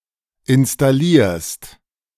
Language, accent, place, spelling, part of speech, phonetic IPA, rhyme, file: German, Germany, Berlin, installierst, verb, [ɪnstaˈliːɐ̯st], -iːɐ̯st, De-installierst.ogg
- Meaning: second-person singular present of installieren